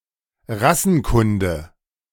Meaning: racial anthropology, raciology, scientific racism
- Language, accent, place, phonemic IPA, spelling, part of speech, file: German, Germany, Berlin, /ˈʁasənˌkʊndə/, Rassenkunde, noun, De-Rassenkunde.ogg